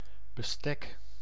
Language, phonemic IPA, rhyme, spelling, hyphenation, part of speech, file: Dutch, /bəˈstɛk/, -ɛk, bestek, be‧stek, noun, Nl-bestek.ogg
- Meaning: 1. silverware, cutlery 2. plan, planning, design (of a journey or a building project) 3. span, extent